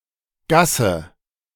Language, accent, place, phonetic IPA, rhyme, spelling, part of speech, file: German, Germany, Berlin, [ˈɡasə], -asə, Gasse, noun, De-Gasse.ogg
- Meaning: alley, lane, ginnel, twitchel